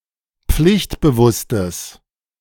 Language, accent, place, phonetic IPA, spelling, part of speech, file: German, Germany, Berlin, [ˈp͡flɪçtbəˌvʊstəs], pflichtbewusstes, adjective, De-pflichtbewusstes.ogg
- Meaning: strong/mixed nominative/accusative neuter singular of pflichtbewusst